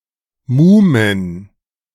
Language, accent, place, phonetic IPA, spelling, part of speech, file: German, Germany, Berlin, [ˈmuːmən], Muhmen, noun, De-Muhmen.ogg
- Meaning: plural of Muhme